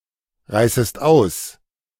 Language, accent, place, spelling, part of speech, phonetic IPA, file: German, Germany, Berlin, reißest aus, verb, [ˌʁaɪ̯səst ˈaʊ̯s], De-reißest aus.ogg
- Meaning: second-person singular subjunctive I of ausreißen